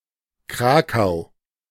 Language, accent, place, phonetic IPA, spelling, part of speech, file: German, Germany, Berlin, [ˈkʁaːkaʊ̯], Krakau, proper noun, De-Krakau.ogg
- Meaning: Krakow (a city on the Vistula River, the capital of the Lesser Poland Voivodeship in southern Poland and the former capital (until 1596) of Poland as a whole)